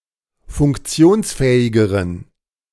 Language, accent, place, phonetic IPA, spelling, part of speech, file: German, Germany, Berlin, [fʊŋkˈt͡si̯oːnsˌfɛːɪɡəʁən], funktionsfähigeren, adjective, De-funktionsfähigeren.ogg
- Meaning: inflection of funktionsfähig: 1. strong genitive masculine/neuter singular comparative degree 2. weak/mixed genitive/dative all-gender singular comparative degree